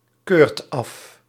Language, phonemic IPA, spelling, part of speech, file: Dutch, /ˈkørt ˈɑf/, keurt af, verb, Nl-keurt af.ogg
- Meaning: inflection of afkeuren: 1. second/third-person singular present indicative 2. plural imperative